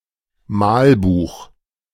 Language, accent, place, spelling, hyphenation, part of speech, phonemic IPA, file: German, Germany, Berlin, Malbuch, Mal‧buch, noun, /ˈmaːlˌbuːx/, De-Malbuch.ogg
- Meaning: coloring book